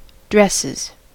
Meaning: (noun) plural of dress; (verb) third-person singular simple present indicative of dress
- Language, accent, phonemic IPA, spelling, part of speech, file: English, US, /ˈdɹɛsɪz/, dresses, noun / verb, En-us-dresses.ogg